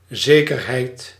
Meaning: 1. certainty 2. collateral
- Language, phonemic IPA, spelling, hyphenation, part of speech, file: Dutch, /ˈzeː.kərˌɦɛi̯t/, zekerheid, ze‧ker‧heid, noun, Nl-zekerheid.ogg